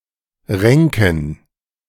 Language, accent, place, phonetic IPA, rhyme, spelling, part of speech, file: German, Germany, Berlin, [ˈʁɛŋkn̩], -ɛŋkn̩, Renken, noun, De-Renken.ogg
- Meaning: plural of Renke